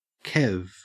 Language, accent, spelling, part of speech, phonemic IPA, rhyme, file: English, Australia, Kev, proper noun / noun, /kɛv/, -ɛv, En-au-Kev.ogg
- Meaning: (proper noun) A diminutive of the male given name Kevin; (noun) A working-class male